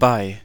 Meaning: 1. by, near 2. at 3. for, at, in 4. with, on 5. upon, at the time of 6. in case of, in the event of 7. during; while; during the existence of 8. over; during 9. care of; via 10. with, to, towards
- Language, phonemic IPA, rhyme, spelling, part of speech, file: German, /baɪ̯/, -aɪ̯, bei, preposition, De-bei.ogg